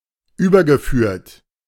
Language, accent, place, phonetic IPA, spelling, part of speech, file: German, Germany, Berlin, [ˈyːbɐɡəˌfyːɐ̯t], übergeführt, verb, De-übergeführt.ogg
- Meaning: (verb) past participle of überführen; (adjective) converted